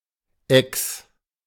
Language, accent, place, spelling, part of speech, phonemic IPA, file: German, Germany, Berlin, Ex, noun, /ɛks/, De-Ex.ogg
- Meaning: 1. ex (male former romantic partner) 2. ex (female former romantic partner) 3. an unannounced performance test of pupils in school